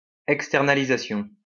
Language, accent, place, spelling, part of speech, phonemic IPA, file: French, France, Lyon, externalisation, noun, /ɛk.stɛʁ.na.li.za.sjɔ̃/, LL-Q150 (fra)-externalisation.wav
- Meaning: 1. outsourcing 2. extenalisation/externalization